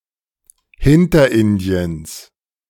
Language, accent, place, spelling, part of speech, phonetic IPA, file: German, Germany, Berlin, Hinterindiens, noun, [ˈhɪntɐˌʔɪndi̯əns], De-Hinterindiens.ogg
- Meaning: genitive singular of Hinterindien